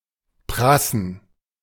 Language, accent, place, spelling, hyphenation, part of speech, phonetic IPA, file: German, Germany, Berlin, prassen, pras‧sen, verb, [ˈpʁasən], De-prassen.ogg
- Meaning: to splurge, to live extravagantly